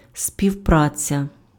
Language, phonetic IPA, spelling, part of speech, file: Ukrainian, [sʲpʲiu̯ˈprat͡sʲɐ], співпраця, noun, Uk-співпраця.ogg
- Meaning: cooperation